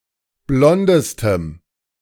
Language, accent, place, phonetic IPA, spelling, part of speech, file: German, Germany, Berlin, [ˈblɔndəstəm], blondestem, adjective, De-blondestem.ogg
- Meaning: strong dative masculine/neuter singular superlative degree of blond